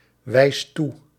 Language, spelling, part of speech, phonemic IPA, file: Dutch, wijst toe, verb, /ˈwɛist ˈtu/, Nl-wijst toe.ogg
- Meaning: inflection of toewijzen: 1. second/third-person singular present indicative 2. plural imperative